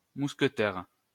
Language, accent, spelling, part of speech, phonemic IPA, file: French, France, mousquetaire, noun, /mus.kə.tɛʁ/, LL-Q150 (fra)-mousquetaire.wav
- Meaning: musketeer